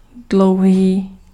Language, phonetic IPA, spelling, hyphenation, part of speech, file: Czech, [ˈdlou̯ɦiː], dlouhý, dlou‧hý, adjective, Cs-dlouhý.ogg
- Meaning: 1. long 2. tall (when talking about persons)